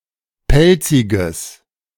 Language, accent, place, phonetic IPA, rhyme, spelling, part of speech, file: German, Germany, Berlin, [ˈpɛlt͡sɪɡəs], -ɛlt͡sɪɡəs, pelziges, adjective, De-pelziges.ogg
- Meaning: strong/mixed nominative/accusative neuter singular of pelzig